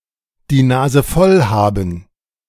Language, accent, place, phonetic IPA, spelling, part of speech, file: German, Germany, Berlin, [diː naːzə ˈfɔl ˌhaːbm̩], die Nase voll haben, verb, De-die Nase voll haben.ogg
- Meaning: to be fed up (with something); to have had it up to here